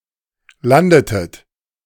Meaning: inflection of landen: 1. second-person plural preterite 2. second-person plural subjunctive II
- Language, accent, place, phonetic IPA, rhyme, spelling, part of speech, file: German, Germany, Berlin, [ˈlandətət], -andətət, landetet, verb, De-landetet.ogg